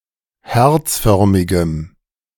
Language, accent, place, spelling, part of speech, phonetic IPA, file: German, Germany, Berlin, herzförmigem, adjective, [ˈhɛʁt͡sˌfœʁmɪɡəm], De-herzförmigem.ogg
- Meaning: strong dative masculine/neuter singular of herzförmig